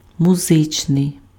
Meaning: musical
- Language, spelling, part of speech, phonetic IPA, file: Ukrainian, музичний, adjective, [mʊˈzɪt͡ʃnei̯], Uk-музичний.ogg